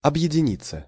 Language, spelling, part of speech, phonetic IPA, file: Russian, объединиться, verb, [ɐbjɪdʲɪˈnʲit͡sːə], Ru-объединиться.ogg
- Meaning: 1. to join hands, to unite, to combine, to amalgamate 2. passive of объедини́ть (obʺjedinítʹ)